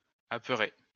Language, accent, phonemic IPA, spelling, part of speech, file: French, France, /a.pœ.ʁe/, apeurer, verb, LL-Q150 (fra)-apeurer.wav
- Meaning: to frighten